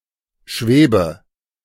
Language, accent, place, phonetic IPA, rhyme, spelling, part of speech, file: German, Germany, Berlin, [ˈʃveːbə], -eːbə, schwebe, verb, De-schwebe.ogg
- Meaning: inflection of schweben: 1. first-person singular present 2. first/third-person singular subjunctive I 3. singular imperative